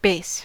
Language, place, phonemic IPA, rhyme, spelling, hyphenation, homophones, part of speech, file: English, California, /beɪs/, -eɪs, base, base, bass, noun / verb / adjective, En-us-base.ogg
- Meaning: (noun) 1. Something from which other things extend; a foundation 2. Something from which other things extend; a foundation.: A supporting, lower or bottom component of a structure or object